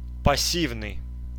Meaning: passive
- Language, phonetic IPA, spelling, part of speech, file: Russian, [pɐˈsʲivnɨj], пассивный, adjective, Ru-пассивный.ogg